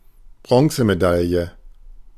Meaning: bronze medal
- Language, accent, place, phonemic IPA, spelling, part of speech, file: German, Germany, Berlin, /ˈbrɔ̃səmeˌdaljə/, Bronzemedaille, noun, De-Bronzemedaille.ogg